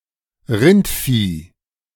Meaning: 1. cattle 2. stupid person
- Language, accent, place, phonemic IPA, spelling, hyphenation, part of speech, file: German, Germany, Berlin, /ˈrɪntfiː/, Rindvieh, Rind‧vieh, noun, De-Rindvieh.ogg